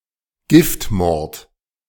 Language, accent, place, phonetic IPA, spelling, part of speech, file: German, Germany, Berlin, [ˈɡɪftˌmɔʁt], Giftmord, noun, De-Giftmord.ogg
- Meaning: poisoning (form of murder)